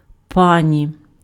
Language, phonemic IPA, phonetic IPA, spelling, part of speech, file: Ukrainian, /ˈpɑ.nʲi/, [ˈpˠɑ.n̪ʲi], пані, noun, Uk-пані.ogg
- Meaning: 1. lady, madam, Mrs 2. nominative/accusative/vocative plural of па́ня (pánja)